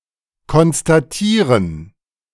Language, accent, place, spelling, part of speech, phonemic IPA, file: German, Germany, Berlin, konstatieren, verb, /kɔnstaˈtiːʁən/, De-konstatieren.ogg
- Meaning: to state